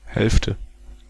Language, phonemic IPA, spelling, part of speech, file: German, /ˈhɛlftə/, Hälfte, noun, De-Hälfte.ogg
- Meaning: 1. half; fifty percent of something 2. half, share; any of two correlating pieces, whatever the size 3. middle; the virtual line where two equal halves meet